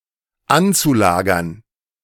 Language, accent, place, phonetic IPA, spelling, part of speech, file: German, Germany, Berlin, [ˈant͡suˌlaːɡɐn], anzulagern, verb, De-anzulagern.ogg
- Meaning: zu-infinitive of anlagern